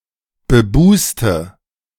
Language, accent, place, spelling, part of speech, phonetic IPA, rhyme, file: German, Germany, Berlin, bebuste, adjective, [bəˈbuːstə], -uːstə, De-bebuste.ogg
- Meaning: inflection of bebust: 1. strong/mixed nominative/accusative feminine singular 2. strong nominative/accusative plural 3. weak nominative all-gender singular 4. weak accusative feminine/neuter singular